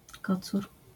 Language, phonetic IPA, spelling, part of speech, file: Polish, [ˈkɔt͡sur], kocur, noun, LL-Q809 (pol)-kocur.wav